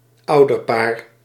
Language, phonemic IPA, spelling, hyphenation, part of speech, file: Dutch, /ˈɑu̯.dərˌpaːr/, ouderpaar, ou‧der‧paar, noun, Nl-ouderpaar.ogg
- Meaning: a parent couple, the two parents of a child (user both of biological parents and carers)